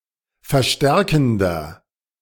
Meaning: inflection of verstärkend: 1. strong/mixed nominative masculine singular 2. strong genitive/dative feminine singular 3. strong genitive plural
- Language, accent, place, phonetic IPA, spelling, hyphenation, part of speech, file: German, Germany, Berlin, [fɛɐ̯ˈʃtɛʁkn̩dɐ], verstärkender, ver‧stär‧ken‧der, adjective, De-verstärkender.ogg